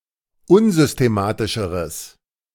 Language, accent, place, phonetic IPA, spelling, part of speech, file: German, Germany, Berlin, [ˈʊnzʏsteˌmaːtɪʃəʁəs], unsystematischeres, adjective, De-unsystematischeres.ogg
- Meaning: strong/mixed nominative/accusative neuter singular comparative degree of unsystematisch